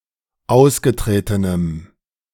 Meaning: strong dative masculine/neuter singular of ausgetreten
- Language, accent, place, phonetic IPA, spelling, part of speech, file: German, Germany, Berlin, [ˈaʊ̯sɡəˌtʁeːtənəm], ausgetretenem, adjective, De-ausgetretenem.ogg